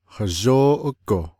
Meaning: softly, slowly
- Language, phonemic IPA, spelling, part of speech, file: Navajo, /hɑ̀ʒóːʔókò/, hazhóóʼógo, adverb, Nv-hazhóóʼógo.ogg